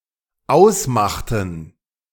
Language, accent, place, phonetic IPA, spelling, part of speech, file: German, Germany, Berlin, [ˈaʊ̯sˌmaxtn̩], ausmachten, verb, De-ausmachten.ogg
- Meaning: inflection of ausmachen: 1. first/third-person plural dependent preterite 2. first/third-person plural dependent subjunctive II